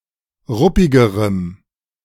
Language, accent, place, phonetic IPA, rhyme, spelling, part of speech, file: German, Germany, Berlin, [ˈʁʊpɪɡəʁəm], -ʊpɪɡəʁəm, ruppigerem, adjective, De-ruppigerem.ogg
- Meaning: strong dative masculine/neuter singular comparative degree of ruppig